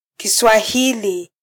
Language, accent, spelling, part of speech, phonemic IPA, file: Swahili, Kenya, Kiswahili, noun, /ki.sʷɑˈhi.li/, Sw-ke-Kiswahili.flac
- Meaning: Swahili language